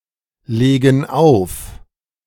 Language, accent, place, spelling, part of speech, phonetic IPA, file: German, Germany, Berlin, legen auf, verb, [ˌleːɡn̩ ˈaʊ̯f], De-legen auf.ogg
- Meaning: inflection of auflegen: 1. first/third-person plural present 2. first/third-person plural subjunctive I